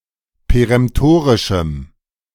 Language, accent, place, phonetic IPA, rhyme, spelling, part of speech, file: German, Germany, Berlin, [peʁɛmˈtoːʁɪʃm̩], -oːʁɪʃm̩, peremtorischem, adjective, De-peremtorischem.ogg
- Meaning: strong dative masculine/neuter singular of peremtorisch